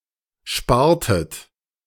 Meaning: inflection of sparen: 1. second-person plural preterite 2. second-person plural subjunctive II
- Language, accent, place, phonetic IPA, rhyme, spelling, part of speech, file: German, Germany, Berlin, [ˈʃpaːɐ̯tət], -aːɐ̯tət, spartet, verb, De-spartet.ogg